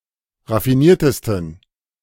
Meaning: 1. superlative degree of raffiniert 2. inflection of raffiniert: strong genitive masculine/neuter singular superlative degree
- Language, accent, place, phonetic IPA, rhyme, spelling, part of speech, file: German, Germany, Berlin, [ʁafiˈniːɐ̯təstn̩], -iːɐ̯təstn̩, raffiniertesten, adjective, De-raffiniertesten.ogg